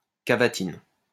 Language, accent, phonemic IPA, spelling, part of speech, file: French, France, /ka.va.tin/, cavatine, noun, LL-Q150 (fra)-cavatine.wav
- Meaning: cavatina